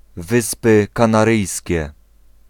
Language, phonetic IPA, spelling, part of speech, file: Polish, [ˈvɨspɨ ˌkãnaˈrɨjsʲcɛ], Wyspy Kanaryjskie, proper noun, Pl-Wyspy Kanaryjskie.ogg